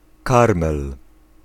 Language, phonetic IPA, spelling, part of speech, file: Polish, [ˈkarmɛl], karmel, noun, Pl-karmel.ogg